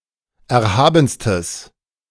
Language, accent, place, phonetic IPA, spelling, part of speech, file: German, Germany, Berlin, [ˌɛɐ̯ˈhaːbn̩stəs], erhabenstes, adjective, De-erhabenstes.ogg
- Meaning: strong/mixed nominative/accusative neuter singular superlative degree of erhaben